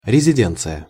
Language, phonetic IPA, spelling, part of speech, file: Russian, [rʲɪzʲɪˈdʲent͡sɨjə], резиденция, noun, Ru-резиденция.ogg
- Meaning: residence